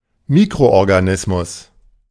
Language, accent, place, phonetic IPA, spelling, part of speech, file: German, Germany, Berlin, [ˈmiːkʁoʔɔʁɡaˌnɪsmʊs], Mikroorganismus, noun, De-Mikroorganismus.ogg
- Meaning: microorganism